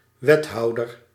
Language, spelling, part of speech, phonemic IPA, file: Dutch, wethouder, noun, /wɛtɔu(d)ər/, Nl-wethouder.ogg
- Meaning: alderman or public municipal administrator